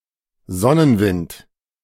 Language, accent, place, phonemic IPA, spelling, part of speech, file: German, Germany, Berlin, /ˈzɔnənˌvɪnt/, Sonnenwind, noun, De-Sonnenwind.ogg
- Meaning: solar wind